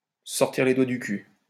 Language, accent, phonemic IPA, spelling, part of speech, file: French, France, /sə sɔʁ.tiʁ le dwa dy ky/, se sortir les doigts du cul, verb, LL-Q150 (fra)-se sortir les doigts du cul.wav
- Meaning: to get a move on, to get off one's ass, to pull one's finger out (to stop being lazy)